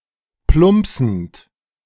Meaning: present participle of plumpsen
- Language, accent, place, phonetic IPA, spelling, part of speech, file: German, Germany, Berlin, [ˈplʊmpsn̩t], plumpsend, verb, De-plumpsend.ogg